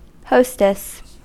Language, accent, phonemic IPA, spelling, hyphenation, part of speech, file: English, US, /ˈhoʊstɪs/, hostess, host‧ess, noun / verb, En-us-hostess.ogg
- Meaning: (noun) 1. A female host 2. A female innkeeper 3. Stewardess: a woman steward on an airplane 4. A bar hostess or bargirl; a paid female companion offering conversation and in some cases sex